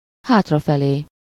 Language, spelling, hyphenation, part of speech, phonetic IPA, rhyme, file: Hungarian, hátrafelé, hát‧ra‧fe‧lé, adverb, [ˈhaːtrɒfɛleː], -leː, Hu-hátrafelé.ogg
- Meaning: backwards